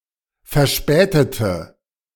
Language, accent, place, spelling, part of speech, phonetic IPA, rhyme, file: German, Germany, Berlin, verspätete, adjective / verb, [fɛɐ̯ˈʃpɛːtətə], -ɛːtətə, De-verspätete.ogg
- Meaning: inflection of verspätet: 1. strong/mixed nominative/accusative feminine singular 2. strong nominative/accusative plural 3. weak nominative all-gender singular